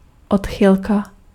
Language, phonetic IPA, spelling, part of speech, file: Czech, [ˈotxɪlka], odchylka, noun, Cs-odchylka.ogg
- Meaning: deviation